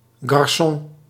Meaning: waiter in a bar, restaurant etc
- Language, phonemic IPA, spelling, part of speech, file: Dutch, /ɡɑrˈsɔ̃/, garçon, noun, Nl-garçon.ogg